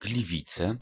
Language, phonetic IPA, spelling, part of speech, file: Polish, [ɡlʲiˈvʲit͡sɛ], Gliwice, proper noun, Pl-Gliwice.ogg